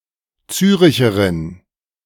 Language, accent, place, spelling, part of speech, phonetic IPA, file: German, Germany, Berlin, Züricherin, noun, [ˈt͡syːʁɪçəʁɪn], De-Züricherin.ogg
- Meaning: female equivalent of Züricher